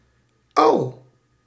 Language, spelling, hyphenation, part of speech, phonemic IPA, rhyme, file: Dutch, au, au, interjection, /ɑu̯/, -ɑu̯, Nl-au.ogg
- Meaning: ouch!